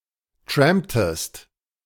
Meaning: inflection of trampen: 1. second-person singular preterite 2. second-person singular subjunctive II
- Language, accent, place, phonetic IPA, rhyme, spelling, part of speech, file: German, Germany, Berlin, [ˈtʁɛmptəst], -ɛmptəst, tramptest, verb, De-tramptest.ogg